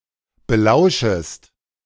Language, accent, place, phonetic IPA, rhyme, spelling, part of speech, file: German, Germany, Berlin, [bəˈlaʊ̯ʃəst], -aʊ̯ʃəst, belauschest, verb, De-belauschest.ogg
- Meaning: second-person singular subjunctive I of belauschen